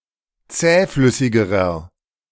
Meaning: inflection of zähflüssig: 1. strong/mixed nominative masculine singular comparative degree 2. strong genitive/dative feminine singular comparative degree 3. strong genitive plural comparative degree
- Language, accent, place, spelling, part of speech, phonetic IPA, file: German, Germany, Berlin, zähflüssigerer, adjective, [ˈt͡sɛːˌflʏsɪɡəʁɐ], De-zähflüssigerer.ogg